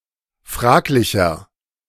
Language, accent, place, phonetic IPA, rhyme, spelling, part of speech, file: German, Germany, Berlin, [ˈfʁaːklɪçɐ], -aːklɪçɐ, fraglicher, adjective, De-fraglicher.ogg
- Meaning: 1. comparative degree of fraglich 2. inflection of fraglich: strong/mixed nominative masculine singular 3. inflection of fraglich: strong genitive/dative feminine singular